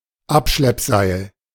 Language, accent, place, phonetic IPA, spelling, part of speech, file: German, Germany, Berlin, [ˈapʃlɛpˌzaɪ̯l], Abschleppseil, noun, De-Abschleppseil.ogg
- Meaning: tow rope, towline